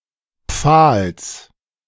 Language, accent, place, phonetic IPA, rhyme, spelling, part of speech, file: German, Germany, Berlin, [p͡faːls], -aːls, Pfahls, noun, De-Pfahls.ogg
- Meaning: genitive singular of Pfahl